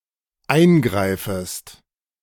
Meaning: second-person singular dependent subjunctive I of eingreifen
- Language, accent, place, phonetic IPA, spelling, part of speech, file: German, Germany, Berlin, [ˈaɪ̯nˌɡʁaɪ̯fəst], eingreifest, verb, De-eingreifest.ogg